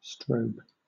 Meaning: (noun) 1. A stroboscopic lamp: a device used to produce regular flashes of light 2. An electronic signal in hardware indicating that a value is ready to be read
- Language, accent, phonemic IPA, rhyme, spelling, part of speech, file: English, Southern England, /stɹəʊb/, -əʊb, strobe, noun / verb, LL-Q1860 (eng)-strobe.wav